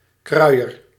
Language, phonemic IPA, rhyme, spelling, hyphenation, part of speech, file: Dutch, /ˈkrœy̯.ər/, -œy̯ər, kruier, krui‧er, noun, Nl-kruier.ogg
- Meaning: porter (person who carries luggage)